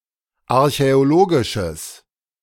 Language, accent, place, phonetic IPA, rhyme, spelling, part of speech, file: German, Germany, Berlin, [aʁçɛoˈloːɡɪʃəs], -oːɡɪʃəs, archäologisches, adjective, De-archäologisches.ogg
- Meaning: strong/mixed nominative/accusative neuter singular of archäologisch